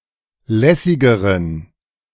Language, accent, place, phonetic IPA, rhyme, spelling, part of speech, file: German, Germany, Berlin, [ˈlɛsɪɡəʁən], -ɛsɪɡəʁən, lässigeren, adjective, De-lässigeren.ogg
- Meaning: inflection of lässig: 1. strong genitive masculine/neuter singular comparative degree 2. weak/mixed genitive/dative all-gender singular comparative degree